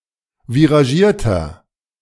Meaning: inflection of viragiert: 1. strong/mixed nominative masculine singular 2. strong genitive/dative feminine singular 3. strong genitive plural
- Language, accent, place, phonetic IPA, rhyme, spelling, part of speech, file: German, Germany, Berlin, [viʁaˈʒiːɐ̯tɐ], -iːɐ̯tɐ, viragierter, adjective, De-viragierter.ogg